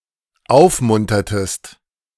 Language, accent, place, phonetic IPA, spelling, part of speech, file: German, Germany, Berlin, [ˈaʊ̯fˌmʊntɐtəst], aufmuntertest, verb, De-aufmuntertest.ogg
- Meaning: inflection of aufmuntern: 1. second-person singular dependent preterite 2. second-person singular dependent subjunctive II